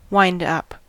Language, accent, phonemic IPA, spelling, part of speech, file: English, US, /waɪnd ˈʌp/, wind up, noun / verb, En-us-wind up.ogg
- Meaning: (noun) Alternative form of wind-up; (verb) To wind (rope, string, mainsprings, etc.) completely